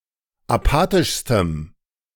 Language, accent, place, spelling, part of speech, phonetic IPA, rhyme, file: German, Germany, Berlin, apathischstem, adjective, [aˈpaːtɪʃstəm], -aːtɪʃstəm, De-apathischstem.ogg
- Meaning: strong dative masculine/neuter singular superlative degree of apathisch